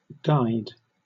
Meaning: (adjective) 1. Fitted with or attached to a guy 2. Fitted to serve as a guy; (verb) simple past and past participle of guy
- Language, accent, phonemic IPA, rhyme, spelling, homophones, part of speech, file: English, Southern England, /ˈɡaɪd/, -aɪd, guyed, guide, adjective / verb, LL-Q1860 (eng)-guyed.wav